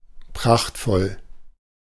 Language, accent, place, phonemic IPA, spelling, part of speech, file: German, Germany, Berlin, /ˈpʁaχtfɔl/, prachtvoll, adjective, De-prachtvoll.ogg
- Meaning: resplendent, gorgeous